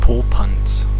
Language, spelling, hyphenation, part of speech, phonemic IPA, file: German, Popanz, Po‧panz, noun, /ˈpoːpants/, De-Popanz.ogg
- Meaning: 1. A bogeyman, bugbear, often something not to be taken too seriously, such as an apparition, funny figure, straw doll, or scarecrow 2. A being without will 3. A person that is scared of others